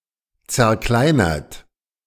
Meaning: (verb) past participle of zerkleinern; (adjective) 1. bruised 2. crushed
- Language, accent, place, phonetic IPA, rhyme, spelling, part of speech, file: German, Germany, Berlin, [t͡sɛɐ̯ˈklaɪ̯nɐt], -aɪ̯nɐt, zerkleinert, verb, De-zerkleinert.ogg